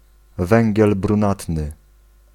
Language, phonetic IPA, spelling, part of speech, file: Polish, [ˈvɛ̃ŋʲɟɛl brũˈnatnɨ], węgiel brunatny, noun, Pl-węgiel brunatny.ogg